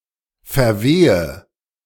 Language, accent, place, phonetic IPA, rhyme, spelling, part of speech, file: German, Germany, Berlin, [fɛɐ̯ˈveːə], -eːə, verwehe, verb, De-verwehe.ogg
- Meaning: inflection of verwehen: 1. first-person singular present 2. first/third-person singular subjunctive I 3. singular imperative